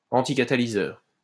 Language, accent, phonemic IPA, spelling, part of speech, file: French, France, /ɑ̃.ti.ka.ta.li.zœʁ/, anticatalyseur, adjective / noun, LL-Q150 (fra)-anticatalyseur.wav
- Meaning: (adjective) anticatalytic; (noun) anticatalyst